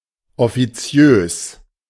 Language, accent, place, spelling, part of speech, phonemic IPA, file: German, Germany, Berlin, offiziös, adjective, /ɔfiˈt͡si̯øːs/, De-offiziös.ogg
- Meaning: officious